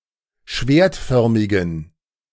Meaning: inflection of schwertförmig: 1. strong genitive masculine/neuter singular 2. weak/mixed genitive/dative all-gender singular 3. strong/weak/mixed accusative masculine singular 4. strong dative plural
- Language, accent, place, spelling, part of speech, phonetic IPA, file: German, Germany, Berlin, schwertförmigen, adjective, [ˈʃveːɐ̯tˌfœʁmɪɡn̩], De-schwertförmigen.ogg